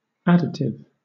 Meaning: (adjective) 1. Pertaining to addition; that can be, or has been, added 2. That is distributive over addition 3. Whose operator is identified as addition 4. Pertaining to chemical addition
- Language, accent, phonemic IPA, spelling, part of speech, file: English, Southern England, /ˈæd.ɪ.tɪv/, additive, adjective / noun, LL-Q1860 (eng)-additive.wav